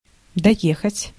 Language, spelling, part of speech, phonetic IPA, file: Russian, доехать, verb, [dɐˈjexətʲ], Ru-доехать.ogg
- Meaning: to reach, to arrive (by horse or vehicle)